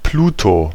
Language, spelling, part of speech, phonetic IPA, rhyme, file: German, Pluto, noun, [ˈpluːto], -uːto, De-Pluto.ogg